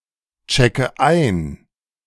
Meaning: inflection of einchecken: 1. first-person singular present 2. first/third-person singular subjunctive I 3. singular imperative
- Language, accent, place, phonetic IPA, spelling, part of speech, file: German, Germany, Berlin, [ˌt͡ʃɛkə ˈaɪ̯n], checke ein, verb, De-checke ein.ogg